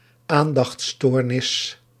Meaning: attention deficit disorder
- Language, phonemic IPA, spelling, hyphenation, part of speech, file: Dutch, /ˈaːn.dɑxtˌstoːr.nɪs/, aandachtsstoornis, aan‧dachts‧stoor‧nis, noun, Nl-aandachtsstoornis.ogg